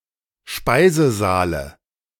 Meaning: dative singular of Speisesaal
- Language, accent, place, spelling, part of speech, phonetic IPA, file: German, Germany, Berlin, Speisesaale, noun, [ˈʃpaɪ̯zəˌzaːlə], De-Speisesaale.ogg